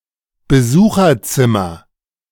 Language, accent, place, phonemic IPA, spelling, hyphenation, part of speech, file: German, Germany, Berlin, /bəˈzuːxɐˌt͡sɪmɐ/, Besucherzimmer, Be‧su‧cher‧zim‧mer, noun, De-Besucherzimmer.ogg
- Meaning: visitors' room